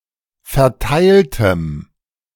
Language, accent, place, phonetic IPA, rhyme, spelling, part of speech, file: German, Germany, Berlin, [fɛɐ̯ˈtaɪ̯ltəm], -aɪ̯ltəm, verteiltem, adjective, De-verteiltem.ogg
- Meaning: strong dative masculine/neuter singular of verteilt